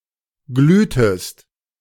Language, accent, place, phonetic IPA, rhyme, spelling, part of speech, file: German, Germany, Berlin, [ˈɡlyːtəst], -yːtəst, glühtest, verb, De-glühtest.ogg
- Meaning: inflection of glühen: 1. second-person singular preterite 2. second-person singular subjunctive II